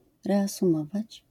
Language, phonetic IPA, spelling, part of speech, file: Polish, [ˌrɛasũˈmɔvat͡ɕ], reasumować, verb, LL-Q809 (pol)-reasumować.wav